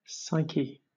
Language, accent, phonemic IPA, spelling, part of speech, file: English, Southern England, /ˈsaɪ.ki/, psyche, noun, LL-Q1860 (eng)-psyche.wav
- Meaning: 1. The human soul, mind, or spirit 2. The human mind as the central force in thought, emotion, and behavior of an individual